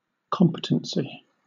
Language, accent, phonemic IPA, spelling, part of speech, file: English, Southern England, /ˈkɒm.pə.tən.si/, competency, noun, LL-Q1860 (eng)-competency.wav
- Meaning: 1. The ability to perform some task; competence 2. An individual's capacity to understand the nature and implications of their legal rights and obligations